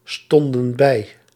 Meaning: inflection of bijstaan: 1. plural past indicative 2. plural past subjunctive
- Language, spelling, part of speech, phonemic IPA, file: Dutch, stonden bij, verb, /ˈstɔndə(n) ˈbɛi/, Nl-stonden bij.ogg